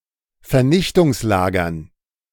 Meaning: dative plural of Vernichtungslager
- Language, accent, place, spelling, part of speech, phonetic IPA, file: German, Germany, Berlin, Vernichtungslagern, noun, [fɛɐ̯ˈnɪçtʊŋsˌlaːɡɐn], De-Vernichtungslagern.ogg